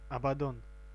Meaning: Abaddon
- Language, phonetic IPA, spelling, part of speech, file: Russian, [ɐbɐˈdon], Абаддон, proper noun, Ru-Абаддон.ogg